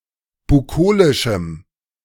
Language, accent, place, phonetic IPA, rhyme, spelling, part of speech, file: German, Germany, Berlin, [buˈkoːlɪʃm̩], -oːlɪʃm̩, bukolischem, adjective, De-bukolischem.ogg
- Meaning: strong dative masculine/neuter singular of bukolisch